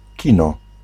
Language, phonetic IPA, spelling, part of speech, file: Polish, [ˈcĩnɔ], kino, noun, Pl-kino.ogg